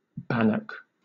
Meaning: An unleavened bread, usually made with barleymeal, wheatmeal, or oatmeal; sometimes of peasemeal or otherwise
- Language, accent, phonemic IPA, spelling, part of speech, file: English, Southern England, /ˈbæ.nək/, bannock, noun, LL-Q1860 (eng)-bannock.wav